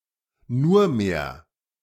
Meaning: 1. only 2. only ... left
- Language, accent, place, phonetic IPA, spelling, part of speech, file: German, Germany, Berlin, [ˈnuːɐ̯ˌmeːɐ̯], nurmehr, particle, De-nurmehr.ogg